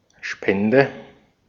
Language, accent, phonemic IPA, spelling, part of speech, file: German, Austria, /ˈʃpɛndɛ/, Spende, noun, De-at-Spende.ogg
- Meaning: donation (that which is donated, given as charity; the act of donating)